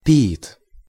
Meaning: 1. poet 2. genitive/accusative plural of пии́та (piíta)
- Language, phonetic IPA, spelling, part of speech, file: Russian, [pʲɪˈit], пиит, noun, Ru-пиит.ogg